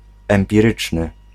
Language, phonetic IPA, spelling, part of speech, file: Polish, [ˌɛ̃mpʲiˈrɨt͡ʃnɨ], empiryczny, adjective, Pl-empiryczny.ogg